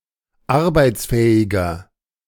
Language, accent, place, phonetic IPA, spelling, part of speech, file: German, Germany, Berlin, [ˈaʁbaɪ̯t͡sˌfɛːɪɡɐ], arbeitsfähiger, adjective, De-arbeitsfähiger.ogg
- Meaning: inflection of arbeitsfähig: 1. strong/mixed nominative masculine singular 2. strong genitive/dative feminine singular 3. strong genitive plural